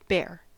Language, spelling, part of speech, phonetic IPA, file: English, bare, adjective, [beə(r)], En-us-bare.ogg